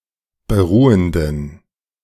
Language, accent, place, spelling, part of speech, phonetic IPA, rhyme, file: German, Germany, Berlin, beruhenden, adjective, [bəˈʁuːəndn̩], -uːəndn̩, De-beruhenden.ogg
- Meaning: inflection of beruhend: 1. strong genitive masculine/neuter singular 2. weak/mixed genitive/dative all-gender singular 3. strong/weak/mixed accusative masculine singular 4. strong dative plural